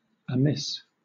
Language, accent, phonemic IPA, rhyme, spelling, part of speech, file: English, Southern England, /əˈmɪs/, -ɪs, amiss, adjective / adverb / noun, LL-Q1860 (eng)-amiss.wav
- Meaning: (adjective) Wrong; faulty; out of order; improper or otherwise incorrect; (adverb) 1. Wrongly; mistakenly 2. Astray 3. Imperfectly; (noun) Fault; wrong; an evil act, a bad deed